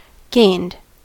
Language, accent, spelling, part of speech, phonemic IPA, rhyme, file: English, US, gained, verb, /ɡeɪnd/, -eɪnd, En-us-gained.ogg
- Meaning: simple past and past participle of gain